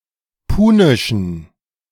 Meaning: inflection of punisch: 1. strong genitive masculine/neuter singular 2. weak/mixed genitive/dative all-gender singular 3. strong/weak/mixed accusative masculine singular 4. strong dative plural
- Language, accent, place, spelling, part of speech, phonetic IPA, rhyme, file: German, Germany, Berlin, punischen, adjective, [ˈpuːnɪʃn̩], -uːnɪʃn̩, De-punischen.ogg